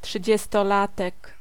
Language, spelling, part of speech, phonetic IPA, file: Polish, trzydziestolatek, noun, [ˌṭʃɨd͡ʑɛstɔˈlatɛk], Pl-trzydziestolatek.ogg